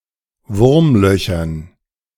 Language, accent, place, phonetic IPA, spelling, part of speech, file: German, Germany, Berlin, [ˈvʊʁmˌlœçɐn], Wurmlöchern, noun, De-Wurmlöchern.ogg
- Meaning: dative plural of Wurmloch